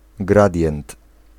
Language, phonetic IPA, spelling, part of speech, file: Polish, [ˈɡradʲjɛ̃nt], gradient, noun, Pl-gradient.ogg